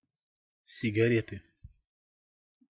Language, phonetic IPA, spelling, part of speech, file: Russian, [sʲɪɡɐˈrʲetɨ], сигареты, noun, Ru-сигареты.ogg
- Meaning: inflection of сигаре́та (sigaréta): 1. genitive singular 2. nominative/accusative plural